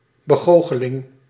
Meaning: illusion, deception
- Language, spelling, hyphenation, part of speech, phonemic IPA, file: Dutch, begoocheling, be‧goo‧che‧ling, noun, /bəˈɣoː.xəˌlɪŋ/, Nl-begoocheling.ogg